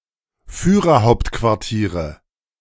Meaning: nominative/accusative/genitive plural of Führerhauptquartier
- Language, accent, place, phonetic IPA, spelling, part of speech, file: German, Germany, Berlin, [fyːʁɐˈhaʊ̯ptkvaʁtiːʁə], Führerhauptquartiere, noun, De-Führerhauptquartiere.ogg